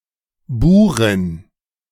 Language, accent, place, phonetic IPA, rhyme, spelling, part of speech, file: German, Germany, Berlin, [ˈbuːʁɪn], -uːʁɪn, Burin, noun, De-Burin.ogg
- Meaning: female Boer